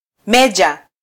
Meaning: major (military rank)
- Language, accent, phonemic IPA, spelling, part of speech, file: Swahili, Kenya, /ˈmɛ.ʄɑ/, meja, noun, Sw-ke-meja.flac